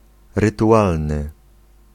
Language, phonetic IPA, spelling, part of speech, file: Polish, [ˌrɨtuˈʷalnɨ], rytualny, adjective, Pl-rytualny.ogg